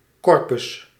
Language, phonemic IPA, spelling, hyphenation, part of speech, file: Dutch, /ˈkɔr.pʏs/, corpus, cor‧pus, noun, Nl-corpus.ogg
- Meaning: a collection of writings, a text corpus